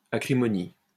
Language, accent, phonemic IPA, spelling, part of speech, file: French, France, /a.kʁi.mɔ.ni/, acrimonie, noun, LL-Q150 (fra)-acrimonie.wav
- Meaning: acrimony